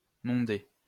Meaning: 1. to blanch (vegetables) 2. to clean or purify
- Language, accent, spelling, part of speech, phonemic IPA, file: French, France, monder, verb, /mɔ̃.de/, LL-Q150 (fra)-monder.wav